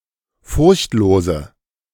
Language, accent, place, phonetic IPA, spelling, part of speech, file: German, Germany, Berlin, [ˈfʊʁçtˌloːzə], furchtlose, adjective, De-furchtlose.ogg
- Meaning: inflection of furchtlos: 1. strong/mixed nominative/accusative feminine singular 2. strong nominative/accusative plural 3. weak nominative all-gender singular